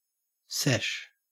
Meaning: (noun) A session.: 1. A period of time spent engaged in some group activity 2. An informal social get-together or meeting to perform a group activity
- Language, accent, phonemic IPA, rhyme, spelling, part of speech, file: English, Australia, /sɛʃ/, -ɛʃ, sesh, noun / verb, En-au-sesh.ogg